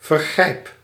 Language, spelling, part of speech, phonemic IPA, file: Dutch, vergrijp, noun / verb, /vərˈɣrɛip/, Nl-vergrijp.ogg
- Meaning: inflection of vergrijpen: 1. first-person singular present indicative 2. second-person singular present indicative 3. imperative